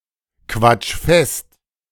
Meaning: 1. singular imperative of festquatschen 2. first-person singular present of festquatschen
- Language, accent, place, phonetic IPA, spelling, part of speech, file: German, Germany, Berlin, [ˌkvat͡ʃ ˈfɛst], quatsch fest, verb, De-quatsch fest.ogg